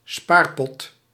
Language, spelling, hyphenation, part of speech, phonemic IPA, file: Dutch, spaarpot, spaar‧pot, noun, /ˈspaːr.pɔt/, Nl-spaarpot.ogg
- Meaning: 1. piggy bank (not necessarily pig-shaped) 2. an amount of money to keep close at hand for emergencies (usually in the diminutive)